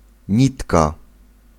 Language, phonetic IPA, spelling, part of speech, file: Polish, [ˈɲitka], nitka, noun, Pl-nitka.ogg